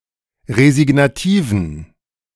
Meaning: inflection of resignativ: 1. strong genitive masculine/neuter singular 2. weak/mixed genitive/dative all-gender singular 3. strong/weak/mixed accusative masculine singular 4. strong dative plural
- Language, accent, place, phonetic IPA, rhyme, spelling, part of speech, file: German, Germany, Berlin, [ʁezɪɡnaˈtiːvn̩], -iːvn̩, resignativen, adjective, De-resignativen.ogg